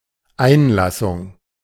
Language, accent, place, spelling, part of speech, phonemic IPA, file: German, Germany, Berlin, Einlassung, noun, /ˈaɪ̯nlasʊŋ/, De-Einlassung.ogg
- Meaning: testimony, statement